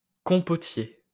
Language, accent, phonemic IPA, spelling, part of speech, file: French, France, /kɔ̃.pɔ.tje/, compotier, noun, LL-Q150 (fra)-compotier.wav
- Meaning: fruit bowl